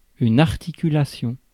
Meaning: 1. joint (joint with freedom to rotate) 2. articulation (quality, clarity or sharpness of speech) 3. articulation (emission of a sound)
- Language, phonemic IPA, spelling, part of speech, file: French, /aʁ.ti.ky.la.sjɔ̃/, articulation, noun, Fr-articulation.ogg